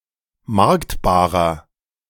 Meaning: inflection of marktbar: 1. strong/mixed nominative masculine singular 2. strong genitive/dative feminine singular 3. strong genitive plural
- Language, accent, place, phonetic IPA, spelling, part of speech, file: German, Germany, Berlin, [ˈmaʁktbaːʁɐ], marktbarer, adjective, De-marktbarer.ogg